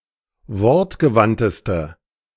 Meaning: inflection of wortgewandt: 1. strong/mixed nominative/accusative feminine singular superlative degree 2. strong nominative/accusative plural superlative degree
- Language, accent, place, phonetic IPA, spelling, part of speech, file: German, Germany, Berlin, [ˈvɔʁtɡəˌvantəstə], wortgewandteste, adjective, De-wortgewandteste.ogg